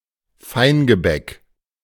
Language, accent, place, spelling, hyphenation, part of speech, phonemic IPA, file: German, Germany, Berlin, Feingebäck, Fein‧ge‧bäck, noun, /ˈfaɪ̯nɡəˌbɛk/, De-Feingebäck.ogg
- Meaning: viennoiserie